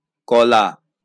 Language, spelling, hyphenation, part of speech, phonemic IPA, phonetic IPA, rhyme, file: Bengali, কলা, ক‧লা, noun, /kɔ.la/, [ˈkɔ.läˑ], -ɔla, LL-Q9610 (ben)-কলা.wav
- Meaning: 1. banana (fruit); plantain (fruit) 2. nothing, nought 3. the thumb 4. art 5. tissue